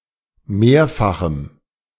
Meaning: strong dative masculine/neuter singular of mehrfach
- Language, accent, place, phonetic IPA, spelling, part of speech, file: German, Germany, Berlin, [ˈmeːɐ̯faxm̩], mehrfachem, adjective, De-mehrfachem.ogg